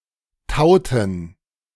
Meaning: inflection of tauen: 1. first/third-person plural preterite 2. first/third-person plural subjunctive II
- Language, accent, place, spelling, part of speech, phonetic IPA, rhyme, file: German, Germany, Berlin, tauten, verb, [ˈtaʊ̯tn̩], -aʊ̯tn̩, De-tauten.ogg